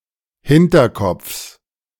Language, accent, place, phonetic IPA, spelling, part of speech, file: German, Germany, Berlin, [ˈhɪntɐˌkɔp͡fs], Hinterkopfs, noun, De-Hinterkopfs.ogg
- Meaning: genitive singular of Hinterkopf